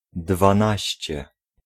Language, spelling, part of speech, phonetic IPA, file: Polish, dwanaście, adjective, [dvãˈnaɕt͡ɕɛ], Pl-dwanaście.ogg